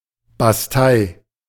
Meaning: bastion
- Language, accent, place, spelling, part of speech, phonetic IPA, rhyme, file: German, Germany, Berlin, Bastei, noun, [basˈtaɪ̯], -aɪ̯, De-Bastei.ogg